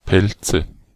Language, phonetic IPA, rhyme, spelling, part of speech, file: German, [ˈpɛlt͡sə], -ɛlt͡sə, Pelze, noun, De-Pelze.ogg
- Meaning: nominative/accusative/genitive plural of Pelz